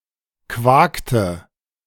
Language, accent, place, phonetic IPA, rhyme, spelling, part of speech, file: German, Germany, Berlin, [ˈkvaːktə], -aːktə, quakte, verb, De-quakte.ogg
- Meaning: inflection of quaken: 1. first/third-person singular preterite 2. first/third-person singular subjunctive II